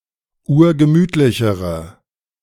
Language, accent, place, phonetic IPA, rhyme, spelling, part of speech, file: German, Germany, Berlin, [ˈuːɐ̯ɡəˈmyːtlɪçəʁə], -yːtlɪçəʁə, urgemütlichere, adjective, De-urgemütlichere.ogg
- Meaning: inflection of urgemütlich: 1. strong/mixed nominative/accusative feminine singular comparative degree 2. strong nominative/accusative plural comparative degree